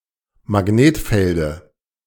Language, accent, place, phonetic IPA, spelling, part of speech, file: German, Germany, Berlin, [maˈɡneːtˌfɛldə], Magnetfelde, noun, De-Magnetfelde.ogg
- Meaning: dative singular of Magnetfeld